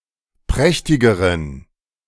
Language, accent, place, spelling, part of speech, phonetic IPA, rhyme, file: German, Germany, Berlin, prächtigeren, adjective, [ˈpʁɛçtɪɡəʁən], -ɛçtɪɡəʁən, De-prächtigeren.ogg
- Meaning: inflection of prächtig: 1. strong genitive masculine/neuter singular comparative degree 2. weak/mixed genitive/dative all-gender singular comparative degree